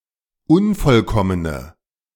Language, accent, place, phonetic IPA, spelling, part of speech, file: German, Germany, Berlin, [ˈʊnfɔlˌkɔmənə], unvollkommene, adjective, De-unvollkommene.ogg
- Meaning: inflection of unvollkommen: 1. strong/mixed nominative/accusative feminine singular 2. strong nominative/accusative plural 3. weak nominative all-gender singular